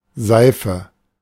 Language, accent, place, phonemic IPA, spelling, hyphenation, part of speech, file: German, Germany, Berlin, /ˈzaɪ̯fə/, Seife, Sei‧fe, noun, De-Seife.ogg
- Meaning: 1. soap (substance) 2. a piece of soap 3. a particular sort of soap 4. placer deposit, placer